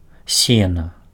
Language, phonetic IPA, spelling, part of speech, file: Belarusian, [ˈsʲena], сена, noun, Be-сена.ogg
- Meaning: hay